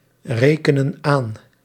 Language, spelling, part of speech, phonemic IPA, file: Dutch, rekenen aan, verb, /ˈrekənə(n) ˈan/, Nl-rekenen aan.ogg
- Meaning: inflection of aanrekenen: 1. plural present indicative 2. plural present subjunctive